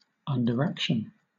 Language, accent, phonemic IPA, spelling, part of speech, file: English, Southern England, /ˌʌndəɹˈækʃən/, underaction, noun, LL-Q1860 (eng)-underaction.wav
- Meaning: 1. subplot; a minor event incidental or subsidiary to the main story 2. Inefficient action